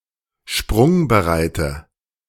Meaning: inflection of sprungbereit: 1. strong/mixed nominative/accusative feminine singular 2. strong nominative/accusative plural 3. weak nominative all-gender singular
- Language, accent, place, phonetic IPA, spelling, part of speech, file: German, Germany, Berlin, [ˈʃpʁʊŋbəˌʁaɪ̯tə], sprungbereite, adjective, De-sprungbereite.ogg